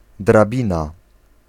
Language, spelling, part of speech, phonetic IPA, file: Polish, drabina, noun, [draˈbʲĩna], Pl-drabina.ogg